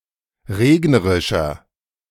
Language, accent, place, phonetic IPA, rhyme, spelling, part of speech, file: German, Germany, Berlin, [ˈʁeːɡnəʁɪʃɐ], -eːɡnəʁɪʃɐ, regnerischer, adjective, De-regnerischer.ogg
- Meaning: 1. comparative degree of regnerisch 2. inflection of regnerisch: strong/mixed nominative masculine singular 3. inflection of regnerisch: strong genitive/dative feminine singular